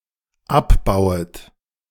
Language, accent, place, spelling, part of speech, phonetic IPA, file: German, Germany, Berlin, abbauet, verb, [ˈapˌbaʊ̯ət], De-abbauet.ogg
- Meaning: second-person plural dependent subjunctive I of abbauen